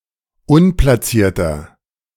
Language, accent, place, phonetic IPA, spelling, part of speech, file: German, Germany, Berlin, [ˈʊnplasiːɐ̯tɐ], unplacierter, adjective, De-unplacierter.ogg
- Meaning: 1. comparative degree of unplaciert 2. inflection of unplaciert: strong/mixed nominative masculine singular 3. inflection of unplaciert: strong genitive/dative feminine singular